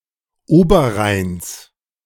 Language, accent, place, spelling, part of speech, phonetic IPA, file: German, Germany, Berlin, Oberrheins, noun, [ˈoːbɐˌʁaɪ̯ns], De-Oberrheins.ogg
- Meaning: genitive singular of Oberrhein